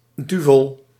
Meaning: dialectal form of duivel
- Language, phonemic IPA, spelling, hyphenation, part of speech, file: Dutch, /ˈdy.vəl/, duvel, du‧vel, noun, Nl-duvel.ogg